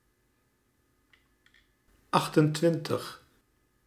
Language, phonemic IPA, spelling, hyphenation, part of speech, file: Dutch, /ˈɑx.tənˌtʋɪn.təx/, achtentwintig, acht‧en‧twin‧tig, numeral, Nl-achtentwintig.ogg
- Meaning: twenty-eight